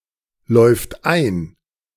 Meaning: third-person singular present of einlaufen
- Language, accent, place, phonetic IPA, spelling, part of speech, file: German, Germany, Berlin, [ˌlɔɪ̯ft ˈaɪ̯n], läuft ein, verb, De-läuft ein.ogg